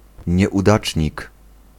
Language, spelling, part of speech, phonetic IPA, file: Polish, nieudacznik, noun, [ˌɲɛʷuˈdat͡ʃʲɲik], Pl-nieudacznik.ogg